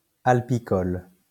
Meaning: alpine (living in alpine regions)
- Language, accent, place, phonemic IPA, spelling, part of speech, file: French, France, Lyon, /al.pi.kɔl/, alpicole, adjective, LL-Q150 (fra)-alpicole.wav